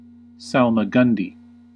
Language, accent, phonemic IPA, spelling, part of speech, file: English, US, /ˌsæl.məˈɡʌn.di/, salmagundi, noun, En-us-salmagundi.ogg
- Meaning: 1. A food consisting of chopped meat and pickled herring, with oil, vinegar, pepper, and onions 2. Hence, any mixture of various ingredients; an olio or medley; a potpourri; a miscellany